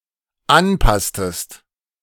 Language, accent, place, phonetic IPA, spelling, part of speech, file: German, Germany, Berlin, [ˈanˌpastəst], anpasstest, verb, De-anpasstest.ogg
- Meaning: inflection of anpassen: 1. second-person singular dependent preterite 2. second-person singular dependent subjunctive II